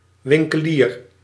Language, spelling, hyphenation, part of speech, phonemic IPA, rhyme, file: Dutch, winkelier, win‧ke‧lier, noun, /ˌʋɪŋ.kəˈlir/, -iːr, Nl-winkelier.ogg
- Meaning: shopkeeper, storekeeper (an owner of a shop or store)